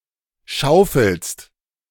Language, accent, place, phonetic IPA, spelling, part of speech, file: German, Germany, Berlin, [ˈʃaʊ̯fl̩st], schaufelst, verb, De-schaufelst.ogg
- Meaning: second-person singular present of schaufeln